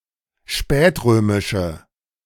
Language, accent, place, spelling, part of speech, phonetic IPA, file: German, Germany, Berlin, spätrömische, adjective, [ˈʃpɛːtˌʁøːmɪʃə], De-spätrömische.ogg
- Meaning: inflection of spätrömisch: 1. strong/mixed nominative/accusative feminine singular 2. strong nominative/accusative plural 3. weak nominative all-gender singular